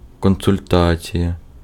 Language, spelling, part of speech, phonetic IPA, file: Ukrainian, консультація, noun, [kɔnsʊlʲˈtat͡sʲijɐ], Uk-консультація.ogg
- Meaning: consultation